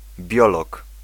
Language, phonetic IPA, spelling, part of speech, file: Polish, [ˈbʲjɔlɔk], biolog, noun, Pl-biolog.ogg